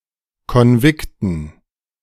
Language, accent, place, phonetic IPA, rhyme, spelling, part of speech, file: German, Germany, Berlin, [kɔnˈvɪktn̩], -ɪktn̩, Konvikten, noun, De-Konvikten.ogg
- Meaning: dative plural of Konvikt